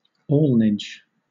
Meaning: Measurement (of cloth) by the ell, specifically, official inspection and measurement of woollen cloth, and attestation of its value by the affixing of a lead seal, as was once required by British law
- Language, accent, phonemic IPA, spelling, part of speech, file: English, Southern England, /ˈɔːlnɪd͡ʒ/, alnage, noun, LL-Q1860 (eng)-alnage.wav